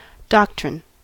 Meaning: A belief or tenet, especially about philosophical or theological matters
- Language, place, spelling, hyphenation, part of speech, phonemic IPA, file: English, California, doctrine, doc‧trine, noun, /ˈdɑk.tɹɪn/, En-us-doctrine.ogg